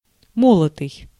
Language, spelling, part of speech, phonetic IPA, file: Russian, молотый, verb, [ˈmoɫətɨj], Ru-молотый.ogg
- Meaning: past passive imperfective participle of моло́ть (molótʹ)